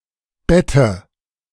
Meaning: 1. alternative form of Bett 2. dative singular of Bett
- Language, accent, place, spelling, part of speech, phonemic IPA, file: German, Germany, Berlin, Bette, noun, /ˈbɛtə/, De-Bette.ogg